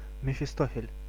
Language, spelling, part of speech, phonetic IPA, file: Russian, Мефистофель, proper noun, [mʲɪfʲɪˈstofʲɪlʲ], Ru-Мефистофель.ogg
- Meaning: Mephistopheles, Mephisto